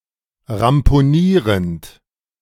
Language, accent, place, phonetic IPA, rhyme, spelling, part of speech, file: German, Germany, Berlin, [ʁampoˈniːʁənt], -iːʁənt, ramponierend, verb, De-ramponierend.ogg
- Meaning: present participle of ramponieren